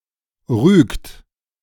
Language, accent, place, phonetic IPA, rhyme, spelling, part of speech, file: German, Germany, Berlin, [ʁyːkt], -yːkt, rügt, verb, De-rügt.ogg
- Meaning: inflection of rügen: 1. third-person singular present 2. second-person plural present 3. plural imperative